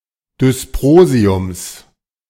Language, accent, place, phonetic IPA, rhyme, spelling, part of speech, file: German, Germany, Berlin, [dʏsˈpʁoːzi̯ʊms], -oːzi̯ʊms, Dysprosiums, noun, De-Dysprosiums.ogg
- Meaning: genitive singular of Dysprosium